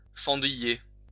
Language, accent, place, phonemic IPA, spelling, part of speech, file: French, France, Lyon, /fɑ̃.di.je/, fendiller, verb, LL-Q150 (fra)-fendiller.wav
- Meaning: to crack, craze